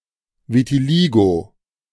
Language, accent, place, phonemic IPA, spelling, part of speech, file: German, Germany, Berlin, /vitiˈliːɡo/, Vitiligo, noun, De-Vitiligo.ogg
- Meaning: vitiligo (patchy loss of skin pigmentation)